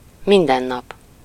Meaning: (adverb) every day, daily; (noun) everyday (the ordinary or routine day, daily life, day to day life)
- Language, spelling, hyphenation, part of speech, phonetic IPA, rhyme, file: Hungarian, mindennap, min‧den‧nap, adverb / noun, [ˈmindɛnːɒp], -ɒp, Hu-mindennap.ogg